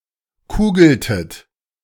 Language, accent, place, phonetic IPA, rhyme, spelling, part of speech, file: German, Germany, Berlin, [ˈkuːɡl̩tət], -uːɡl̩tət, kugeltet, verb, De-kugeltet.ogg
- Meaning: inflection of kugeln: 1. second-person plural preterite 2. second-person plural subjunctive II